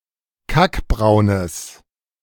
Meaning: strong/mixed nominative/accusative neuter singular of kackbraun
- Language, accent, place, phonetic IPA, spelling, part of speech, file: German, Germany, Berlin, [ˈkakˌbʁaʊ̯nəs], kackbraunes, adjective, De-kackbraunes.ogg